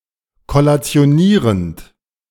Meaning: present participle of kollationieren
- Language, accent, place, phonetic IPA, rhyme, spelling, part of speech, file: German, Germany, Berlin, [kɔlat͡si̯oˈniːʁənt], -iːʁənt, kollationierend, verb, De-kollationierend.ogg